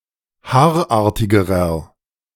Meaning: inflection of haarartig: 1. strong/mixed nominative masculine singular comparative degree 2. strong genitive/dative feminine singular comparative degree 3. strong genitive plural comparative degree
- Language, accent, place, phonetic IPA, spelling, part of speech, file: German, Germany, Berlin, [ˈhaːɐ̯ˌʔaːɐ̯tɪɡəʁɐ], haarartigerer, adjective, De-haarartigerer.ogg